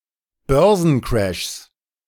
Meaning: 1. genitive singular of Börsencrash 2. plural of Börsencrash
- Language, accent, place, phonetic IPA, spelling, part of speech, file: German, Germany, Berlin, [ˈbœʁzn̩ˌkʁɛʃs], Börsencrashs, noun, De-Börsencrashs.ogg